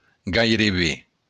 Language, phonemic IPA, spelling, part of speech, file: Occitan, /ɡajreˈβe/, gaireben, adverb, LL-Q942602-gaireben.wav
- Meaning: almost